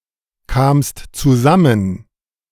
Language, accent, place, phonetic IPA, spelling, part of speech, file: German, Germany, Berlin, [ˌkaːmst t͡suˈzamən], kamst zusammen, verb, De-kamst zusammen.ogg
- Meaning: second-person singular preterite of zusammenkommen